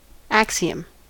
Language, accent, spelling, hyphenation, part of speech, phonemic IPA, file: English, General American, axiom, ax‧i‧om, noun, /ˈæk.si.əm/, En-us-axiom.ogg
- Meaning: A seemingly self-evident or necessary truth which is based on assumption; a principle or proposition which cannot actually be proved or disproved